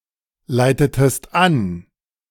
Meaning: inflection of anleiten: 1. second-person singular preterite 2. second-person singular subjunctive II
- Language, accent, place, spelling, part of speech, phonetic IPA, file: German, Germany, Berlin, leitetest an, verb, [ˌlaɪ̯tətəst ˈan], De-leitetest an.ogg